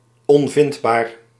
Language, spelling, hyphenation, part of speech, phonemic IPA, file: Dutch, onvindbaar, on‧vind‧baar, adjective, /ˌɔnˈvɪnt.baːr/, Nl-onvindbaar.ogg
- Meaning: impossible to find, untraceable, unfindable